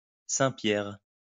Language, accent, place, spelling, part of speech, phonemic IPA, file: French, France, Lyon, saint-pierre, noun, /sɛ̃.pjɛʁ/, LL-Q150 (fra)-saint-pierre.wav
- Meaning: 1. John Dory (edible marine fish) 2. any of a group of other fish. See French Wikipedia for more details